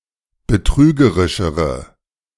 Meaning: inflection of betrügerisch: 1. strong/mixed nominative/accusative feminine singular comparative degree 2. strong nominative/accusative plural comparative degree
- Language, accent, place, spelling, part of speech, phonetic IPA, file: German, Germany, Berlin, betrügerischere, adjective, [bəˈtʁyːɡəʁɪʃəʁə], De-betrügerischere.ogg